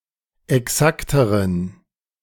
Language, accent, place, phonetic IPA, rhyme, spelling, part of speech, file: German, Germany, Berlin, [ɛˈksaktəʁən], -aktəʁən, exakteren, adjective, De-exakteren.ogg
- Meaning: inflection of exakt: 1. strong genitive masculine/neuter singular comparative degree 2. weak/mixed genitive/dative all-gender singular comparative degree